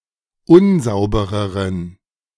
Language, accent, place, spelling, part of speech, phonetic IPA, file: German, Germany, Berlin, unsaubereren, adjective, [ˈʊnˌzaʊ̯bəʁəʁən], De-unsaubereren.ogg
- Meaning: inflection of unsauber: 1. strong genitive masculine/neuter singular comparative degree 2. weak/mixed genitive/dative all-gender singular comparative degree